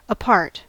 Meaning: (adverb) 1. Placed separately (in regard to space or time) 2. Separately, exclusively, not together 3. In or into two or more parts 4. To the side; aside; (postposition) Excluded from consideration
- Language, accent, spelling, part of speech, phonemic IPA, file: English, US, apart, adverb / postposition / adjective, /əˈpɑɹt/, En-us-apart.ogg